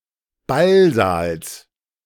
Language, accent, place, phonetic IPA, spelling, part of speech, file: German, Germany, Berlin, [ˈbalˌzaːls], Ballsaals, noun, De-Ballsaals.ogg
- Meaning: genitive singular of Ballsaal